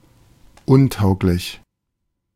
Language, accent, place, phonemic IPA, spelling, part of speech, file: German, Germany, Berlin, /ˈʊnˌtaʊ̯klɪç/, untauglich, adjective, De-untauglich.ogg
- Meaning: 1. unfit, unsuited 2. ineligible